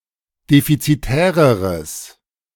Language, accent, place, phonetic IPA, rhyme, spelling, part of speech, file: German, Germany, Berlin, [ˌdefit͡siˈtɛːʁəʁəs], -ɛːʁəʁəs, defizitäreres, adjective, De-defizitäreres.ogg
- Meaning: strong/mixed nominative/accusative neuter singular comparative degree of defizitär